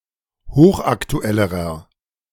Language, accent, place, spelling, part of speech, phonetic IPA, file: German, Germany, Berlin, hochaktuellerer, adjective, [ˈhoːxʔaktuˌɛləʁɐ], De-hochaktuellerer.ogg
- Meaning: inflection of hochaktuell: 1. strong/mixed nominative masculine singular comparative degree 2. strong genitive/dative feminine singular comparative degree 3. strong genitive plural comparative degree